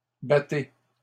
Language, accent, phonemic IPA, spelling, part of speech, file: French, Canada, /ba.te/, battez, verb, LL-Q150 (fra)-battez.wav
- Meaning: inflection of battre: 1. second-person plural present indicative 2. second-person plural imperative